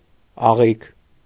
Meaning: 1. intestine 2. catgut (string of musical instruments)
- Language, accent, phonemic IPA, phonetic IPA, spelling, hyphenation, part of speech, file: Armenian, Eastern Armenian, /ɑˈʁikʰ/, [ɑʁíkʰ], աղիք, ա‧ղիք, noun, Hy-աղիք.ogg